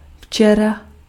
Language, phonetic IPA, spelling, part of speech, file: Czech, [ˈft͡ʃɛra], včera, adverb, Cs-včera.ogg
- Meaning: yesterday (on the day before today)